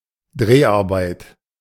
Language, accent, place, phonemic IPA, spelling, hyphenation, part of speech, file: German, Germany, Berlin, /ˈdreːaʁbaɪt/, Dreharbeit, Dreh‧ar‧beit, noun, De-Dreharbeit.ogg
- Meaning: shooting, principal photography